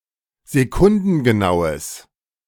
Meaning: strong/mixed nominative/accusative neuter singular of sekundengenau
- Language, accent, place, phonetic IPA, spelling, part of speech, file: German, Germany, Berlin, [zeˈkʊndn̩ɡəˌnaʊ̯əs], sekundengenaues, adjective, De-sekundengenaues.ogg